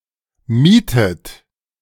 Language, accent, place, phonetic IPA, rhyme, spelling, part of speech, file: German, Germany, Berlin, [ˈmiːtət], -iːtət, mietet, verb, De-mietet.ogg
- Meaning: inflection of mieten: 1. third-person singular present 2. second-person plural present 3. second-person plural subjunctive I 4. plural imperative